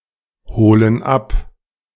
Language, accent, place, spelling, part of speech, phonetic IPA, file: German, Germany, Berlin, holen ab, verb, [ˌhoːlən ˈap], De-holen ab.ogg
- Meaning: inflection of abholen: 1. first/third-person plural present 2. first/third-person plural subjunctive I